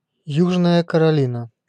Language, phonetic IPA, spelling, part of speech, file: Russian, [ˈjuʐnəjə kərɐˈlʲinə], Южная Каролина, proper noun, Ru-Южная Каролина.ogg
- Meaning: South Carolina (a state of the United States)